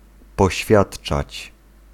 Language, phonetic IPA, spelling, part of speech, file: Polish, [pɔˈɕfʲjaṭt͡ʃat͡ɕ], poświadczać, verb, Pl-poświadczać.ogg